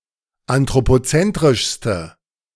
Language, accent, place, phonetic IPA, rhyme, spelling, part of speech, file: German, Germany, Berlin, [antʁopoˈt͡sɛntʁɪʃstə], -ɛntʁɪʃstə, anthropozentrischste, adjective, De-anthropozentrischste.ogg
- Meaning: inflection of anthropozentrisch: 1. strong/mixed nominative/accusative feminine singular superlative degree 2. strong nominative/accusative plural superlative degree